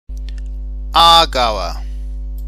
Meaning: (noun) a native or inhabitant of Aargau, a canton of Switzerland; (adjective) of Aargau
- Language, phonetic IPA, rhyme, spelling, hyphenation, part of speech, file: German, [ˈaːɐ̯ˌɡaʊ̯ɐ], -aʊ̯ɐ, Aargauer, Aar‧gau‧er, noun / adjective, De-Aargauer.ogg